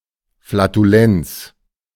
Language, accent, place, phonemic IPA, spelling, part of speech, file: German, Germany, Berlin, /flatuˈlɛnts/, Flatulenz, noun, De-Flatulenz.ogg
- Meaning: flatulence (state of having gas in digestive system)